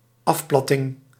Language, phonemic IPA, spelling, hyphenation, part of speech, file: Dutch, /ˈɑfˌplɑ.tɪŋ/, afplatting, af‧plat‧ting, noun, Nl-afplatting.ogg
- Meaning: flattening, ellipticity